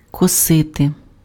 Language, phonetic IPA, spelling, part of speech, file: Ukrainian, [kɔˈsɪte], косити, verb, Uk-косити.ogg
- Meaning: 1. to scythe, to reap, to mow 2. to mow down, to wipe out, to decimate 3. to squint (eyes) 4. to squint; to look sideways 5. to look unfriendly